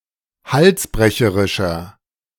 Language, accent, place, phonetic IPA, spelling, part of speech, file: German, Germany, Berlin, [ˈhalsˌbʁɛçəʁɪʃɐ], halsbrecherischer, adjective, De-halsbrecherischer.ogg
- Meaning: 1. comparative degree of halsbrecherisch 2. inflection of halsbrecherisch: strong/mixed nominative masculine singular 3. inflection of halsbrecherisch: strong genitive/dative feminine singular